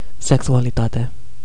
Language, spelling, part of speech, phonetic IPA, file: Romanian, sexualitate, noun, [seksualiˈtate], Ro-sexualitate.ogg
- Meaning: sexuality